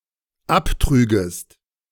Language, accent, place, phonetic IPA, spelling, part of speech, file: German, Germany, Berlin, [ˈapˌtʁyːɡəst], abtrügest, verb, De-abtrügest.ogg
- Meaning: second-person singular dependent subjunctive II of abtragen